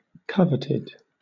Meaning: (verb) simple past and past participle of covet; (adjective) Highly sought-after
- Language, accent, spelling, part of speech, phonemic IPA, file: English, Southern England, coveted, verb / adjective, /ˈkʌvɪtɪd/, LL-Q1860 (eng)-coveted.wav